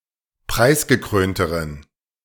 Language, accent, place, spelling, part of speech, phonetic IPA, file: German, Germany, Berlin, preisgekrönteren, adjective, [ˈpʁaɪ̯sɡəˌkʁøːntəʁən], De-preisgekrönteren.ogg
- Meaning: inflection of preisgekrönt: 1. strong genitive masculine/neuter singular comparative degree 2. weak/mixed genitive/dative all-gender singular comparative degree